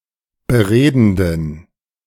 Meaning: inflection of beredend: 1. strong genitive masculine/neuter singular 2. weak/mixed genitive/dative all-gender singular 3. strong/weak/mixed accusative masculine singular 4. strong dative plural
- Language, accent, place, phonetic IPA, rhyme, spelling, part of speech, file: German, Germany, Berlin, [bəˈʁeːdn̩dən], -eːdn̩dən, beredenden, adjective, De-beredenden.ogg